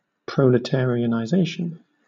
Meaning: The act or process of making somebody or something proletarian
- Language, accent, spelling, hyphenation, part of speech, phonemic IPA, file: English, Southern England, proletarianization, pro‧le‧tar‧i‧an‧i‧za‧tion, noun, /ˌpɹəʊ.lɪˌtɛː.ɹɪ.ə.naɪˈzeɪ.ʃn̩/, LL-Q1860 (eng)-proletarianization.wav